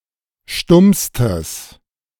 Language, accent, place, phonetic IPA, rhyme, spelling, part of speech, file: German, Germany, Berlin, [ˈʃtʊmstəs], -ʊmstəs, stummstes, adjective, De-stummstes.ogg
- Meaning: strong/mixed nominative/accusative neuter singular superlative degree of stumm